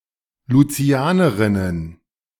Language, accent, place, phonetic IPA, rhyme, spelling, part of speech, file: German, Germany, Berlin, [luˈt͡si̯aːnəʁɪnən], -aːnəʁɪnən, Lucianerinnen, noun, De-Lucianerinnen.ogg
- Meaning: plural of Lucianerin